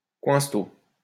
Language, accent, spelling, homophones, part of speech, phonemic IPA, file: French, France, coinstot, coinceteau / coinsteau / coinsto, noun, /kwɛ̃s.to/, LL-Q150 (fra)-coinstot.wav
- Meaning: alternative spelling of coinsto